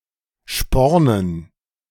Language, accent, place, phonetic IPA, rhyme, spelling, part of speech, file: German, Germany, Berlin, [ˈʃpɔʁnən], -ɔʁnən, Spornen, noun, De-Spornen.ogg
- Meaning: dative plural of Sporn